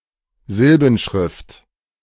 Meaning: syllabary
- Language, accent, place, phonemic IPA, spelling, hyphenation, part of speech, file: German, Germany, Berlin, /ˈzɪlbn̩ˌʃʁɪft/, Silbenschrift, Sil‧ben‧schrift, noun, De-Silbenschrift.ogg